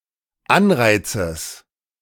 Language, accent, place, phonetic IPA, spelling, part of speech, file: German, Germany, Berlin, [ˈanˌʁaɪ̯t͡səs], Anreizes, noun, De-Anreizes.ogg
- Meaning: genitive singular of Anreiz